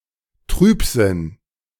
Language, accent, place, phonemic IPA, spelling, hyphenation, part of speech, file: German, Germany, Berlin, /ˈtʁyːpˌzɪn/, Trübsinn, Trüb‧sinn, noun, De-Trübsinn.ogg
- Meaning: gloom, melancholy